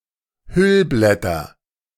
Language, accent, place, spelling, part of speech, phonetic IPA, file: German, Germany, Berlin, Hüllblätter, noun, [ˈhʏlblɛtɐ], De-Hüllblätter.ogg
- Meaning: nominative/accusative/genitive plural of Hüllblatt